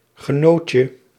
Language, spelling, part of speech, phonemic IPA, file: Dutch, genootje, noun, /ɣəˈnoːtjə/, Nl-genootje.ogg
- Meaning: 1. diminutive of genoot 2. diminutive of genote